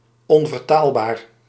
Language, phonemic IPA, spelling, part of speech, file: Dutch, /ˌɔn.vərˈtaːl.baːr/, onvertaalbaar, adjective, Nl-onvertaalbaar.ogg
- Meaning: untranslatable